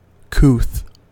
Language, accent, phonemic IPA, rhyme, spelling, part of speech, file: English, General American, /kuθ/, -uːθ, couth, adjective / noun, En-us-couth.ogg
- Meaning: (adjective) 1. Familiar, known; well-known, renowned 2. Variant of couthie.: Agreeable, friendly, pleasant 3. Variant of couthie.: Comfortable; cosy, snug